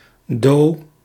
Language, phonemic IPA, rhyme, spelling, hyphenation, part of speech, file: Dutch, /doː/, -oː, do, do, noun, Nl-do.ogg
- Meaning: 1. do, the musical note 2. C, the musical note